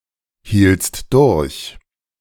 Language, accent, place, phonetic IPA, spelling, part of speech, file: German, Germany, Berlin, [ˌhiːlt͡st ˈdʊʁç], hieltst durch, verb, De-hieltst durch.ogg
- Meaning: second-person singular preterite of durchhalten